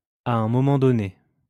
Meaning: at some point, at a certain point, at a given time; at one time or another
- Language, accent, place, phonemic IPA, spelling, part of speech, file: French, France, Lyon, /a œ̃ mɔ.mɑ̃ dɔ.ne/, à un moment donné, adverb, LL-Q150 (fra)-à un moment donné.wav